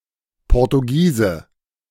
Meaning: person from Portugal, Portuguese man
- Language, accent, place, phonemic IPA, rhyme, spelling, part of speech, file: German, Germany, Berlin, /ˌpɔʁtuˈɡiːzə/, -iːzə, Portugiese, noun, De-Portugiese.ogg